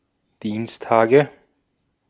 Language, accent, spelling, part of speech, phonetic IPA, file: German, Austria, Dienstage, noun, [ˈdiːnsˌtaːɡə], De-at-Dienstage.ogg
- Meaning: nominative/accusative/genitive plural of Dienstag